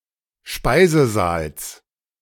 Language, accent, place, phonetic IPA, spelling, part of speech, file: German, Germany, Berlin, [ˈʃpaɪ̯zəˌzaːls], Speisesaals, noun, De-Speisesaals.ogg
- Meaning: genitive of Speisesaal